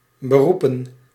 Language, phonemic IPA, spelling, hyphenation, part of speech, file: Dutch, /bəˈru.pə(n)/, beroepen, be‧roe‧pen, verb / noun, Nl-beroepen.ogg
- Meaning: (verb) 1. to appeal (to defend one's position according to a law or rule) 2. to request ordination (admission into the ministry of a church) 3. to appeal (a verdict) 4. to refer to